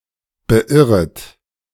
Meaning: second-person plural subjunctive I of beirren
- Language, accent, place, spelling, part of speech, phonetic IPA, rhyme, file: German, Germany, Berlin, beirret, verb, [bəˈʔɪʁət], -ɪʁət, De-beirret.ogg